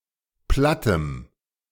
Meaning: strong dative masculine/neuter singular of platt
- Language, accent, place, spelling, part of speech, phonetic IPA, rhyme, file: German, Germany, Berlin, plattem, adjective, [ˈplatəm], -atəm, De-plattem.ogg